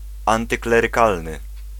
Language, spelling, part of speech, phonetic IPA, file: Polish, antyklerykalny, adjective, [ˌãntɨklɛrɨˈkalnɨ], Pl-antyklerykalny.ogg